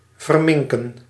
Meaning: to mutilate, to maim
- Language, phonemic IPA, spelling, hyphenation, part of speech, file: Dutch, /vərˈmɪŋ.kə(n)/, verminken, ver‧min‧ken, verb, Nl-verminken.ogg